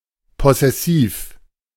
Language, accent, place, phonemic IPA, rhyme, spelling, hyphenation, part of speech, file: German, Germany, Berlin, /ˌpɔ.sɛˈsiːf/, -iːf, possessiv, pos‧ses‧siv, adjective, De-possessiv.ogg
- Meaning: possessive (indicating possession)